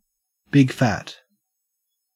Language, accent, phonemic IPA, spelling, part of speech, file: English, Australia, /ˈbɪɡ.fæt/, big fat, adjective, En-au-big fat.ogg
- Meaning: 1. Complete, utter, total 2. Huge, colossal 3. Used other than figuratively or idiomatically: see big, fat